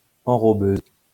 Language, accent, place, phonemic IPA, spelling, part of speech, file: French, France, Lyon, /ɑ̃.ʁɔ.bøz/, enrobeuse, noun, LL-Q150 (fra)-enrobeuse.wav
- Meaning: enrobing (coating) machine